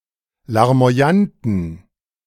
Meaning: inflection of larmoyant: 1. strong genitive masculine/neuter singular 2. weak/mixed genitive/dative all-gender singular 3. strong/weak/mixed accusative masculine singular 4. strong dative plural
- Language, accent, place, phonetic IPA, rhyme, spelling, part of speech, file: German, Germany, Berlin, [laʁmo̯aˈjantn̩], -antn̩, larmoyanten, adjective, De-larmoyanten.ogg